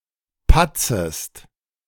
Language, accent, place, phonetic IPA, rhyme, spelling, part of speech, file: German, Germany, Berlin, [ˈpat͡səst], -at͡səst, patzest, verb, De-patzest.ogg
- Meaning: second-person singular subjunctive I of patzen